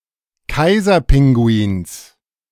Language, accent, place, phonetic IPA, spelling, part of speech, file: German, Germany, Berlin, [ˈkaɪ̯zɐˌpɪŋɡuiːns], Kaiserpinguins, noun, De-Kaiserpinguins.ogg
- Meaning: genitive singular of Kaiserpinguin